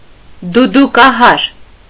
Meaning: dudukahar
- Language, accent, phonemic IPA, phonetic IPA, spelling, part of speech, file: Armenian, Eastern Armenian, /dudukɑˈhɑɾ/, [dudukɑhɑ́ɾ], դուդուկահար, noun, Hy-դուդուկահար.ogg